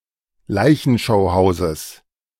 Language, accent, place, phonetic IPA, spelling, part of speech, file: German, Germany, Berlin, [ˈlaɪ̯çn̩ʃaʊ̯ˌhaʊ̯zəs], Leichenschauhauses, noun, De-Leichenschauhauses.ogg
- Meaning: genitive singular of Leichenschauhaus